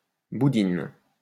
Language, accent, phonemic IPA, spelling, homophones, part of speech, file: French, France, /bu.din/, boudine, boudinent / boudines, verb, LL-Q150 (fra)-boudine.wav
- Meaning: inflection of boudiner: 1. first/third-person singular present indicative/subjunctive 2. second-person singular imperative